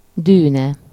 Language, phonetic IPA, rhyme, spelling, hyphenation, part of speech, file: Hungarian, [ˈdyːnɛ], -nɛ, dűne, dű‧ne, noun, Hu-dűne.ogg
- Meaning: dune